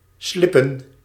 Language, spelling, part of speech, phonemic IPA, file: Dutch, slippen, verb, /slɪpə(n)/, Nl-slippen.ogg
- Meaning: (noun) plural of slip; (verb) to slide, slip, lose one's traction